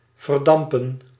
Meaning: to evaporate
- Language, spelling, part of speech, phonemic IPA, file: Dutch, verdampen, verb, /vərˈdɑmpə(n)/, Nl-verdampen.ogg